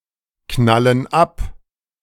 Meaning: inflection of abknallen: 1. first/third-person plural present 2. first/third-person plural subjunctive I
- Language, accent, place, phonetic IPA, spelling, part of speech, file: German, Germany, Berlin, [ˌknalən ˈap], knallen ab, verb, De-knallen ab.ogg